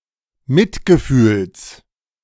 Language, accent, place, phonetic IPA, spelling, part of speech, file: German, Germany, Berlin, [ˈmɪtɡəˌfyːls], Mitgefühls, noun, De-Mitgefühls.ogg
- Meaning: genitive singular of Mitgefühl